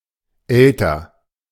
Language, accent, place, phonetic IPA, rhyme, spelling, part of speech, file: German, Germany, Berlin, [ˈɛltɐ], -ɛltɐ, Elter, noun, De-Elter.ogg
- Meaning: singular of Eltern; a parent of unspecified sex